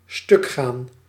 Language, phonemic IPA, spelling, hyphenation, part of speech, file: Dutch, /ˈstʏk.xaːn/, stukgaan, stuk‧gaan, verb, Nl-stukgaan.ogg
- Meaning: 1. to break down, go out of order, become broken 2. to be overcome with laughter, split one's sides